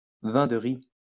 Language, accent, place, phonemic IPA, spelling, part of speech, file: French, France, Lyon, /vɛ̃ d(ə) ʁi/, vin de riz, noun, LL-Q150 (fra)-vin de riz.wav
- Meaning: rice wine